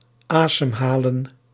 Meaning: alternative form of ademhalen
- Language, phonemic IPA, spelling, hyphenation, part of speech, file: Dutch, /ˈaːdəmɦaːlə(n)/, asemhalen, asem‧ha‧len, verb, Nl-asemhalen.ogg